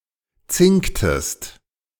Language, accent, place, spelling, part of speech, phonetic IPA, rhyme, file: German, Germany, Berlin, zinktest, verb, [ˈt͡sɪŋktəst], -ɪŋktəst, De-zinktest.ogg
- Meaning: inflection of zinken: 1. second-person singular preterite 2. second-person singular subjunctive II